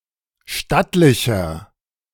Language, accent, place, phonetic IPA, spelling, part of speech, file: German, Germany, Berlin, [ˈʃtatlɪçɐ], stattlicher, adjective, De-stattlicher.ogg
- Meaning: 1. comparative degree of stattlich 2. inflection of stattlich: strong/mixed nominative masculine singular 3. inflection of stattlich: strong genitive/dative feminine singular